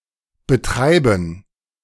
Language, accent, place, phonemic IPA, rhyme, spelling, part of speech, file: German, Germany, Berlin, /bəˈtʁaɪ̯bən/, -aɪ̯bən, betreiben, verb, De-betreiben.ogg
- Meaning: 1. to run, to operate (a business, an engine, etc.) 2. to do (sport, trade) 3. to pursue (a policy, a goal) 4. to pursue (someone) in order to collect a debt; to dun